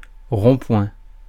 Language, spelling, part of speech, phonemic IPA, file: French, rond-point, noun, /ʁɔ̃.pwɛ̃/, Fr-rond-point.ogg
- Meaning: roundabout; traffic circle